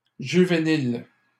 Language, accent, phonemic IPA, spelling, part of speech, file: French, Canada, /ʒy.ve.nil/, juvénile, adjective, LL-Q150 (fra)-juvénile.wav
- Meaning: youthful; young